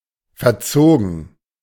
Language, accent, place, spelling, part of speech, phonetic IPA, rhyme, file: German, Germany, Berlin, verzogen, verb, [fɛɐ̯ˈt͡soːɡn̩], -oːɡn̩, De-verzogen.ogg
- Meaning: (verb) past participle of verziehen; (adjective) 1. warped (twisted out of its original shape) 2. spoilt, badly reared 3. having moved to another place